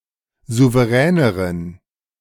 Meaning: inflection of souverän: 1. strong genitive masculine/neuter singular comparative degree 2. weak/mixed genitive/dative all-gender singular comparative degree
- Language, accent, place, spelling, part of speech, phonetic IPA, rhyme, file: German, Germany, Berlin, souveräneren, adjective, [ˌzuvəˈʁɛːnəʁən], -ɛːnəʁən, De-souveräneren.ogg